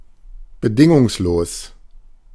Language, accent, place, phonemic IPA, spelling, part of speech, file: German, Germany, Berlin, /bəˈdɪŋʊŋsˌloːs/, bedingungslos, adjective, De-bedingungslos.ogg
- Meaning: unconditional